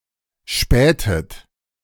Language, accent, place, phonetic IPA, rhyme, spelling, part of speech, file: German, Germany, Berlin, [ˈʃpɛːtət], -ɛːtət, spähtet, verb, De-spähtet.ogg
- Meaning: inflection of spähen: 1. second-person plural preterite 2. second-person plural subjunctive II